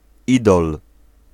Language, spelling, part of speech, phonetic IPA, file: Polish, idol, noun, [ˈidɔl], Pl-idol.ogg